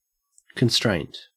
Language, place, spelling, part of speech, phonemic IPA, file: English, Queensland, constraint, noun, /kənˈstɹæɪnt/, En-au-constraint.ogg
- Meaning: 1. Something that constrains; a restriction 2. An irresistible force or compulsion 3. The repression of one's feelings 4. A condition that a solution to an optimization problem must satisfy